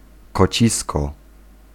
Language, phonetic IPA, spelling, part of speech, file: Polish, [kɔˈt͡ɕiskɔ], kocisko, noun, Pl-kocisko.ogg